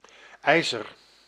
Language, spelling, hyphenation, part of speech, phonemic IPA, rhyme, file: Dutch, ijzer, ij‧zer, noun, /ˈɛi̯zər/, -ɛi̯zər, Nl-ijzer.ogg
- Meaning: 1. iron (metal) 2. iron bar or tool